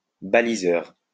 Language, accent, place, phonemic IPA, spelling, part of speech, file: French, France, Lyon, /ba.li.zœʁ/, baliseur, noun, LL-Q150 (fra)-baliseur.wav
- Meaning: 1. buoy tender (boat) 2. buoy tender (person)